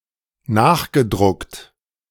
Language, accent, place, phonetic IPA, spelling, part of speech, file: German, Germany, Berlin, [ˈnaːxɡəˌdʁʊkt], nachgedruckt, verb, De-nachgedruckt.ogg
- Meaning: past participle of nachdrucken